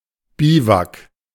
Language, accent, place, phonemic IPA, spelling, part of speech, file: German, Germany, Berlin, /ˈbiːvak/, Biwak, noun, De-Biwak.ogg
- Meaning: bivouac (temporary encampment under the open sky or in small tents)